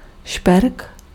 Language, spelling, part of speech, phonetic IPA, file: Czech, šperk, noun, [ˈʃpɛrk], Cs-šperk.ogg
- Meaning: jewel